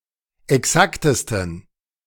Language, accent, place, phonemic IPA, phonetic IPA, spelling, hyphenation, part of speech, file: German, Germany, Berlin, /ɛˈksaktəstən/, [ɛˈksaktəstn̩], exaktesten, ex‧ak‧tes‧ten, adjective, De-exaktesten.ogg
- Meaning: 1. superlative degree of exakt 2. inflection of exakt: strong genitive masculine/neuter singular superlative degree